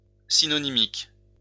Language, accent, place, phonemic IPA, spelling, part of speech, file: French, France, Lyon, /si.nɔ.ni.mik/, synonymique, adjective, LL-Q150 (fra)-synonymique.wav
- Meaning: synonymic